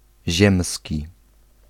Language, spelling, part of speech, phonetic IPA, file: Polish, ziemski, adjective, [ˈʑɛ̃msʲci], Pl-ziemski.ogg